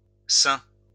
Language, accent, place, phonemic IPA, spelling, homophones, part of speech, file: French, France, Lyon, /sɛ̃/, seing, sain / sains / saint / saints / sein / seings / seins, noun, LL-Q150 (fra)-seing.wav
- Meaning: signature